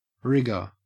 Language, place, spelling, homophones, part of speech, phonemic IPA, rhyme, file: English, Queensland, rigour, rigor / rigger, noun, /ˈɹɪɡə(ɹ)/, -ɪɡə(ɹ), En-au-rigour.ogg
- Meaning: 1. Severity or strictness 2. Harshness, as of climate 3. A feeling of cold with shivering accompanied by a rise in body temperature 4. Character of being unyielding or inflexible 5. Shrewd questioning